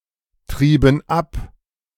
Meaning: inflection of abtreiben: 1. first/third-person plural preterite 2. first/third-person plural subjunctive II
- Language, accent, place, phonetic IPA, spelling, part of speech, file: German, Germany, Berlin, [ˌtʁiːbn̩ ˈap], trieben ab, verb, De-trieben ab.ogg